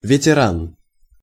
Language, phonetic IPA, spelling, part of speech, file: Russian, [vʲɪtʲɪˈran], ветеран, noun, Ru-ветеран.ogg
- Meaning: 1. veteran (person with long experience) 2. veteran (person who has served in the armed forces, especially an old soldier who has seen long service)